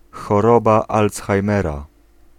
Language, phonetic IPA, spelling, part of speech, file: Polish, [xɔˈrɔba ˌːlt͡sxajˈmɛra], choroba Alzheimera, noun, Pl-choroba Alzheimera.ogg